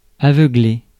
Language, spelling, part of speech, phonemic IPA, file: French, aveugler, verb, /a.vœ.ɡle/, Fr-aveugler.ogg
- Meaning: to blind (make temporarily or permanently blind)